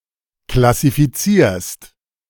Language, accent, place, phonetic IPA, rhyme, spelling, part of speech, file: German, Germany, Berlin, [klasifiˈt͡siːɐ̯st], -iːɐ̯st, klassifizierst, verb, De-klassifizierst.ogg
- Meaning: second-person singular present of klassifizieren